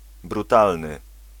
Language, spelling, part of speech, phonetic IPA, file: Polish, brutalny, adjective, [bruˈtalnɨ], Pl-brutalny.ogg